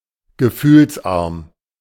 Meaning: emotionless
- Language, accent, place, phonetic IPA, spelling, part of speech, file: German, Germany, Berlin, [ɡəˈfyːlsˌʔaʁm], gefühlsarm, adjective, De-gefühlsarm.ogg